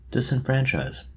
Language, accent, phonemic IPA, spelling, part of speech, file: English, US, /ˌdɪs.ɪnˈfɹæn.t͡ʃaɪz/, disenfranchise, verb, En-us-disenfranchise.oga
- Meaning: To deprive someone of a franchise, generally of the right to vote